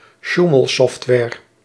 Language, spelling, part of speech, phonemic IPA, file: Dutch, sjoemelsoftware, noun, /ˈʃuməlˌsɔftwɛːr/, Nl-sjoemelsoftware.ogg
- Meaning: software that skews test results